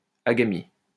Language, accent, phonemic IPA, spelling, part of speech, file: French, France, /a.ɡa.mi/, agamie, noun, LL-Q150 (fra)-agamie.wav
- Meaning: agamogenesis